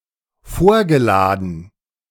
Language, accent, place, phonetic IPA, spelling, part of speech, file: German, Germany, Berlin, [ˈfoːɐ̯ɡəˌlaːdn̩], vorgeladen, verb, De-vorgeladen.ogg
- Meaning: past participle of vorladen